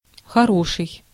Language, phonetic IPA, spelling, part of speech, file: Russian, [xɐˈroʂɨj], хороший, adjective, Ru-хороший.ogg
- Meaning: 1. good, nice, fine 2. large, significant, decent 3. good-looking, handsome, pretty 4. dear, darling, love, sweetie 5. drunk, tipsy